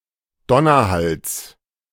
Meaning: genitive singular of Donnerhall
- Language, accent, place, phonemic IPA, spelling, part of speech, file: German, Germany, Berlin, /ˈdɔnɐˌhals/, Donnerhalls, noun, De-Donnerhalls.ogg